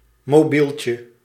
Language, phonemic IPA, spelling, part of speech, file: Dutch, /moːˈbiltjə/, mobieltje, noun, Nl-mobieltje.ogg
- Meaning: diminutive of mobiel